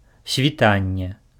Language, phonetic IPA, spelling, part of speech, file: Belarusian, [sʲvʲiˈtanʲːe], світанне, noun, Be-світанне.ogg
- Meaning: 1. dawn, sunrise (morning twilight period) 2. dawn (the earliest phase of something)